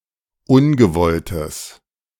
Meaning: strong/mixed nominative/accusative neuter singular of ungewollt
- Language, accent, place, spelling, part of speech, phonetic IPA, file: German, Germany, Berlin, ungewolltes, adjective, [ˈʊnɡəˌvɔltəs], De-ungewolltes.ogg